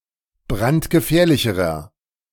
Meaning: inflection of brandgefährlich: 1. strong/mixed nominative masculine singular comparative degree 2. strong genitive/dative feminine singular comparative degree
- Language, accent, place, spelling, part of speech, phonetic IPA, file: German, Germany, Berlin, brandgefährlicherer, adjective, [ˈbʁantɡəˌfɛːɐ̯lɪçəʁɐ], De-brandgefährlicherer.ogg